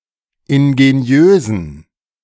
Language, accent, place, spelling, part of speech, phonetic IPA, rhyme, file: German, Germany, Berlin, ingeniösen, adjective, [ɪnɡeˈni̯øːzn̩], -øːzn̩, De-ingeniösen.ogg
- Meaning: inflection of ingeniös: 1. strong genitive masculine/neuter singular 2. weak/mixed genitive/dative all-gender singular 3. strong/weak/mixed accusative masculine singular 4. strong dative plural